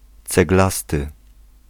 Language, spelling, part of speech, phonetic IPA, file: Polish, ceglasty, adjective, [t͡sɛɡˈlastɨ], Pl-ceglasty.ogg